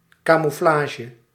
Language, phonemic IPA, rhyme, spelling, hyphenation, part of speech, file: Dutch, /ˌkaː.muˈflaː.ʒə/, -aːʒə, camouflage, ca‧mou‧fla‧ge, noun, Nl-camouflage.ogg
- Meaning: camouflage